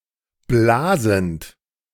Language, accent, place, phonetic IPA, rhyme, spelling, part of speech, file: German, Germany, Berlin, [ˈblaːzn̩t], -aːzn̩t, blasend, verb, De-blasend.ogg
- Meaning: present participle of blasen